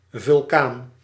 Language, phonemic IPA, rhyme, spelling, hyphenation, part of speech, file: Dutch, /vʏlˈkaːn/, -aːn, vulkaan, vul‧kaan, noun, Nl-vulkaan.ogg
- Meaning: volcano